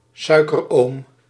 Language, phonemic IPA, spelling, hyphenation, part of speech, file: Dutch, /ˈsœy̯.kərˌoːm/, suikeroom, sui‧ker‧oom, noun, Nl-suikeroom.ogg
- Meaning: 1. a wealthy uncle who is generous or whose fortune one expects to inherit 2. sugar daddy